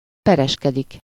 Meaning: to litigate (to carry on a lawsuit)
- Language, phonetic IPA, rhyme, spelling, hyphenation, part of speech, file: Hungarian, [ˈpɛrɛʃkɛdik], -ɛdik, pereskedik, pe‧res‧ke‧dik, verb, Hu-pereskedik.ogg